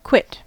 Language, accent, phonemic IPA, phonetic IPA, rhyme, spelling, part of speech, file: English, US, /kwɪt/, [kʰw̥ɪt], -ɪt, quit, adjective / verb / noun, En-us-quit.ogg
- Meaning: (adjective) Released from obligation, penalty, etc; free, clear, or rid; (verb) To leave (a place)